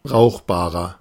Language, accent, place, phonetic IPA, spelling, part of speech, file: German, Germany, Berlin, [ˈbʁaʊ̯xbaːʁɐ], brauchbarer, adjective, De-brauchbarer.ogg
- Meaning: 1. comparative degree of brauchbar 2. inflection of brauchbar: strong/mixed nominative masculine singular 3. inflection of brauchbar: strong genitive/dative feminine singular